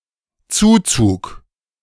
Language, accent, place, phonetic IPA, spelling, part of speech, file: German, Germany, Berlin, [ˈt͡suːˌt͡suːk], Zuzug, noun, De-Zuzug.ogg
- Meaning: 1. influx 2. immigration 3. moving in